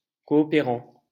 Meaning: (verb) present participle of coopérer; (noun) aid worker (especially one deployed by a communist state, to a friendly developing country)
- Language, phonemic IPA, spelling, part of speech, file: French, /kɔ.ɔ.pe.ʁɑ̃/, coopérant, verb / noun, LL-Q150 (fra)-coopérant.wav